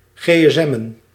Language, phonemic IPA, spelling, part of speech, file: Dutch, /ɣeː.ɛsˈɛ.mə(n)/, gsm'en, verb, Nl-gsm'en.ogg
- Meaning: to call or message on a cellphone